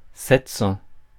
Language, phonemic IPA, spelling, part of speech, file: French, /sɛt sɑ̃/, sept cents, numeral, Fr-sept cents.ogg
- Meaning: seven hundred